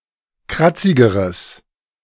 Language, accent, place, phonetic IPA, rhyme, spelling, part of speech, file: German, Germany, Berlin, [ˈkʁat͡sɪɡəʁəs], -at͡sɪɡəʁəs, kratzigeres, adjective, De-kratzigeres.ogg
- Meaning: strong/mixed nominative/accusative neuter singular comparative degree of kratzig